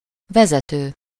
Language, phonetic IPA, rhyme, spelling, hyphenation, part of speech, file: Hungarian, [ˈvɛzɛtøː], -tøː, vezető, ve‧ze‧tő, verb / noun, Hu-vezető.ogg
- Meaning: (verb) present participle of vezet: 1. leading, directing, managing 2. conducting (material); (noun) 1. leader, head 2. manager, head, chief 3. guide (a person or animal that guides) 4. driver